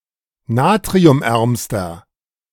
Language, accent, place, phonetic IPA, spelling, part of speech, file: German, Germany, Berlin, [ˈnaːtʁiʊmˌʔɛʁmstɐ], natriumärmster, adjective, De-natriumärmster.ogg
- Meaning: inflection of natriumarm: 1. strong/mixed nominative masculine singular superlative degree 2. strong genitive/dative feminine singular superlative degree 3. strong genitive plural superlative degree